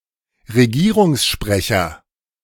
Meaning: government spokesman
- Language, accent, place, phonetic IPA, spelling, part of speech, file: German, Germany, Berlin, [ʁeˈɡiːʁʊŋsˌʃpʁɛçɐ], Regierungssprecher, noun, De-Regierungssprecher.ogg